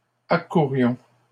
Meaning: inflection of accourir: 1. first-person plural imperfect indicative 2. first-person plural present subjunctive
- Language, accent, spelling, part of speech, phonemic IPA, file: French, Canada, accourions, verb, /a.ku.ʁjɔ̃/, LL-Q150 (fra)-accourions.wav